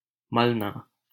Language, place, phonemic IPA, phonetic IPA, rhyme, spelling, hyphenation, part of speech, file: Hindi, Delhi, /məl.nɑː/, [mɐl.näː], -əlnɑː, मलना, मल‧ना, verb, LL-Q1568 (hin)-मलना.wav
- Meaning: 1. to rub 2. to anoint